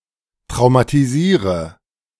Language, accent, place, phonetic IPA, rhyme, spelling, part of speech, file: German, Germany, Berlin, [tʁaʊ̯matiˈziːʁə], -iːʁə, traumatisiere, verb, De-traumatisiere.ogg
- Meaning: inflection of traumatisieren: 1. first-person singular present 2. singular imperative 3. first/third-person singular subjunctive I